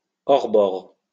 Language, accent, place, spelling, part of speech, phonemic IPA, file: French, France, Lyon, hors-bord, adjective / noun, /ɔʁ.bɔʁ/, LL-Q150 (fra)-hors-bord.wav
- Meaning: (adjective) outboard (situated outside the hull of a vessel); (noun) 1. outboard motor 2. speedboat, outboard (vessel fitted with an outboard motor)